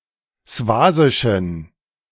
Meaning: inflection of swasisch: 1. strong genitive masculine/neuter singular 2. weak/mixed genitive/dative all-gender singular 3. strong/weak/mixed accusative masculine singular 4. strong dative plural
- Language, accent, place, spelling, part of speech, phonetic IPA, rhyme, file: German, Germany, Berlin, swasischen, adjective, [ˈsvaːzɪʃn̩], -aːzɪʃn̩, De-swasischen.ogg